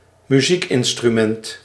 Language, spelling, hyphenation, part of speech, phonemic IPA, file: Dutch, muziekinstrument, mu‧ziek‧in‧stru‧ment, noun, /mʏˈzik.ɪn.stryˌmɛnt/, Nl-muziekinstrument.ogg
- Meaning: a musical instrument, a music-producing device